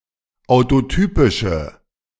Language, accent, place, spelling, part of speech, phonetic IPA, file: German, Germany, Berlin, autotypische, adjective, [aʊ̯toˈtyːpɪʃə], De-autotypische.ogg
- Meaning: inflection of autotypisch: 1. strong/mixed nominative/accusative feminine singular 2. strong nominative/accusative plural 3. weak nominative all-gender singular